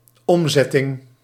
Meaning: 1. conversion (the process of converting things from one state to another) 2. translation
- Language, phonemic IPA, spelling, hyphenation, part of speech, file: Dutch, /ˈɔmˌzɛ.tɪŋ/, omzetting, om‧zet‧ting, noun, Nl-omzetting.ogg